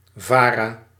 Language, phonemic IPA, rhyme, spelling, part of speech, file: Dutch, /ˈvaː.raː/, -aːraː, VARA, proper noun, Nl-VARA.ogg
- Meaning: abbreviation of Vereeniging van Arbeiders Radio Amateurs, a Dutch public broadcasting association, now merged with BNN